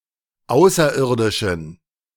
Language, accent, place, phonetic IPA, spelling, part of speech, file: German, Germany, Berlin, [ˈaʊ̯sɐˌʔɪʁdɪʃn̩], Außerirdischen, noun, De-Außerirdischen.ogg
- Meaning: 1. genitive singular of Außerirdische 2. plural of Außerirdische